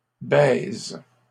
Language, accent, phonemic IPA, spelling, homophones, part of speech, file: French, Canada, /bɛz/, baise, baises / baisent, noun / verb, LL-Q150 (fra)-baise.wav
- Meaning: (noun) 1. kiss 2. fuck, fucking (sexual intercourse); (verb) inflection of baiser: 1. first/third-person singular present indicative/subjunctive 2. second-person singular imperative